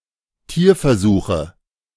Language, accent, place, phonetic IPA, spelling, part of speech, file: German, Germany, Berlin, [ˈtiːɐ̯fɛɐ̯ˌzuːxə], Tierversuche, noun, De-Tierversuche.ogg
- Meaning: nominative/accusative/genitive plural of Tierversuch